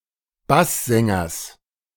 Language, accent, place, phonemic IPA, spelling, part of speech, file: German, Germany, Berlin, /ˈbaszɛŋɐs/, Basssängers, noun, De-Basssängers.ogg
- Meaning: genitive singular of Basssänger